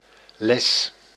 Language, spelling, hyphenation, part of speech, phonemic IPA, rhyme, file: Dutch, les, les, noun / verb, /lɛs/, -ɛs, Nl-les.ogg
- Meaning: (noun) course, lesson; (verb) inflection of lessen: 1. first-person singular present indicative 2. second-person singular present indicative 3. imperative